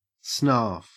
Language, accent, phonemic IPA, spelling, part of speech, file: English, Australia, /snɑː(ɹ)f/, snarf, verb, En-au-snarf.ogg
- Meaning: 1. To eat or consume greedily 2. To take something by dubious means, but without the connotations of stealing; to take something without regard to etiquette